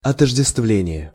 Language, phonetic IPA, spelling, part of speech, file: Russian, [ɐtəʐdʲɪstˈvlʲenʲɪje], отождествление, noun, Ru-отождествление.ogg
- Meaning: identification